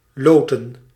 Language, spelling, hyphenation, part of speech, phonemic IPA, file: Dutch, loten, lo‧ten, verb / noun, /ˈloː.tə(n)/, Nl-loten.ogg
- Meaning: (verb) to draw lots, to hold a lottery; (noun) 1. plural of lot 2. plural of loot